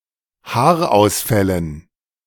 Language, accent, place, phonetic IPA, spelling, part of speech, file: German, Germany, Berlin, [ˈhaːɐ̯ʔaʊ̯sˌfɛlən], Haarausfällen, noun, De-Haarausfällen.ogg
- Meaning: dative plural of Haarausfall